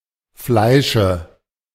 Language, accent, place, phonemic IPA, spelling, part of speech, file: German, Germany, Berlin, /ˈflaɪ̯ʃə/, Fleische, noun, De-Fleische.ogg
- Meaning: dative singular of Fleisch